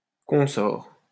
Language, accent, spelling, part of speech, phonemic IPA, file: French, France, consort, noun, /kɔ̃.sɔʁ/, LL-Q150 (fra)-consort.wav
- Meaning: 1. consort 2. minions, associates; the like, their ilk